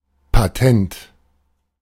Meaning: 1. patent, to be recognized everyone 2. clever, ingenious, sleek
- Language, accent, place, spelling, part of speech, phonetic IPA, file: German, Germany, Berlin, patent, adjective, [paˈtɛnt], De-patent.ogg